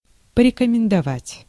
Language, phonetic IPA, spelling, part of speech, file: Russian, [pərʲɪkəmʲɪndɐˈvatʲ], порекомендовать, verb, Ru-порекомендовать.ogg
- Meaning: to recommend, to advise